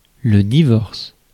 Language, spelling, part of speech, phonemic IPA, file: French, divorce, noun / verb, /di.vɔʁs/, Fr-divorce.ogg
- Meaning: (noun) divorce; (verb) inflection of divorcer: 1. first/third-person singular present indicative/subjunctive 2. second-person singular imperative